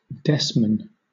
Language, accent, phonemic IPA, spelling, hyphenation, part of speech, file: English, Southern England, /ˈdɛsmən/, desman, des‧man, noun, LL-Q1860 (eng)-desman.wav
- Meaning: Either of two species, Desmana moschata or Galemys pyrenaicus, of aquatic or semiaquatic insectivore of the mole family, Talpidae, found in Europe